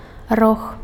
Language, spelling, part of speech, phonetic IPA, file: Belarusian, рог, noun, [rox], Be-рог.ogg
- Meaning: 1. horn (hard keratin projection in some animals) 2. outer corner 3. horn